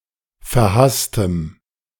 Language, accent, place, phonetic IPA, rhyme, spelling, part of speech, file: German, Germany, Berlin, [fɛɐ̯ˈhastəm], -astəm, verhasstem, adjective, De-verhasstem.ogg
- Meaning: strong dative masculine/neuter singular of verhasst